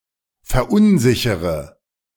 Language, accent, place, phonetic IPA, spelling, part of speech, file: German, Germany, Berlin, [fɛɐ̯ˈʔʊnˌzɪçəʁə], verunsichere, verb, De-verunsichere.ogg
- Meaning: inflection of verunsichern: 1. first-person singular present 2. first/third-person singular subjunctive I 3. singular imperative